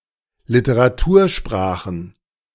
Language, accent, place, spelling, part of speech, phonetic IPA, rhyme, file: German, Germany, Berlin, Literatursprachen, noun, [lɪtəʁaˈtuːɐ̯ˌʃpʁaːxn̩], -uːɐ̯ʃpʁaːxn̩, De-Literatursprachen.ogg
- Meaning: plural of Literatursprache